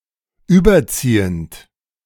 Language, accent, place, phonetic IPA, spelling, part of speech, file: German, Germany, Berlin, [ˈyːbɐˌt͡siːənt], überziehend, verb, De-überziehend.ogg
- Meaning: present participle of überziehen